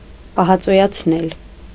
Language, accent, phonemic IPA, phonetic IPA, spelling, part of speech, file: Armenian, Eastern Armenian, /pɑhɑt͡sojɑt͡sʰˈnel/, [pɑhɑt͡sojɑt͡sʰnél], պահածոյացնել, verb, Hy-պահածոյացնել.ogg
- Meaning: causative of պահածոյանալ (pahacoyanal): to preserve, to conserve, to tin, to can